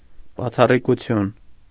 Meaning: 1. exceptionality 2. unusualness, uncommonness
- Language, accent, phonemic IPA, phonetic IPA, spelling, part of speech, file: Armenian, Eastern Armenian, /bɑt͡sʰɑrikuˈtʰjun/, [bɑt͡sʰɑrikut͡sʰjún], բացառիկություն, noun, Hy-բացառիկություն.ogg